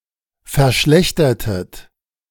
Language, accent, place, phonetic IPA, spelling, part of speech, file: German, Germany, Berlin, [fɛɐ̯ˈʃlɛçtɐtət], verschlechtertet, verb, De-verschlechtertet.ogg
- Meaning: inflection of verschlechtern: 1. second-person plural preterite 2. second-person plural subjunctive II